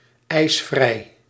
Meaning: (noun) a snow day; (adjective) iceless
- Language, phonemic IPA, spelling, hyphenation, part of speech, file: Dutch, /ˌɛi̯sˈvrɛi̯/, ijsvrij, ijs‧vrij, noun / adjective, Nl-ijsvrij.ogg